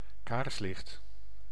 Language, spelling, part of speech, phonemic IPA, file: Dutch, kaarslicht, noun, /ˈkaːrslɪxt/, Nl-kaarslicht.ogg
- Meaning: candlelight